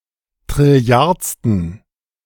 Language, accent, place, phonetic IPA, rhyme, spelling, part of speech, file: German, Germany, Berlin, [tʁɪˈli̯aʁt͡stn̩], -aʁt͡stn̩, trilliardsten, adjective, De-trilliardsten.ogg
- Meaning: inflection of trilliardste: 1. strong genitive masculine/neuter singular 2. weak/mixed genitive/dative all-gender singular 3. strong/weak/mixed accusative masculine singular 4. strong dative plural